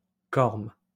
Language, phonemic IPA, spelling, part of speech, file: French, /kɔʁm/, corme, noun, LL-Q150 (fra)-corme.wav
- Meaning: 1. corm 2. sorb, sorb-apple 3. synonym of cornouille (“cornel”)